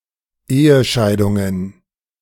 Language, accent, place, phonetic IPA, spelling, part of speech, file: German, Germany, Berlin, [ˈeːəˌʃaɪ̯dʊŋən], Ehescheidungen, noun, De-Ehescheidungen.ogg
- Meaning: plural of Ehescheidung